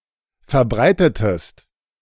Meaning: inflection of verbreiten: 1. second-person singular preterite 2. second-person singular subjunctive II
- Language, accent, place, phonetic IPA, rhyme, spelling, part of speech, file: German, Germany, Berlin, [fɛɐ̯ˈbʁaɪ̯tətəst], -aɪ̯tətəst, verbreitetest, verb, De-verbreitetest.ogg